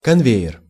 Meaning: 1. conveyor, production line 2. conveyor (a method of interrogation in which investigators conduct the questioning in round-the-clock shifts, in order to induce sleep deprivation in the subject)
- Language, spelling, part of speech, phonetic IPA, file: Russian, конвейер, noun, [kɐnˈvʲejːɪr], Ru-конвейер.ogg